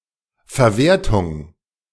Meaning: exploitation, utilisation
- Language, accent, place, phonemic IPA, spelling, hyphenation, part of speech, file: German, Germany, Berlin, /fɛɐ̯ˈveːɐ̯tʊŋ/, Verwertung, Ver‧wer‧tung, noun, De-Verwertung.ogg